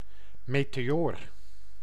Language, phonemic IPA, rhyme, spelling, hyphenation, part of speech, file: Dutch, /ˌmeː.teːˈoːr/, -oːr, meteoor, me‧te‧oor, noun, Nl-meteoor.ogg
- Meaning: 1. meteor 2. luminary (light-emitting celestial object)